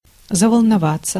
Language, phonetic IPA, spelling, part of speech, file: Russian, [zəvəɫnɐˈvat͡sːə], заволноваться, verb, Ru-заволноваться.ogg
- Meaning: 1. to become agitated 2. to begin to worry/fret